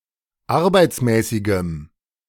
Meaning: strong dative masculine/neuter singular of arbeitsmäßig
- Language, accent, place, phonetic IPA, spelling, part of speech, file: German, Germany, Berlin, [ˈaʁbaɪ̯t͡smɛːsɪɡəm], arbeitsmäßigem, adjective, De-arbeitsmäßigem.ogg